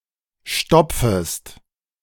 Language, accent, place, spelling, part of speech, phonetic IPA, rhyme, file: German, Germany, Berlin, stopfest, verb, [ˈʃtɔp͡fəst], -ɔp͡fəst, De-stopfest.ogg
- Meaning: second-person singular subjunctive I of stopfen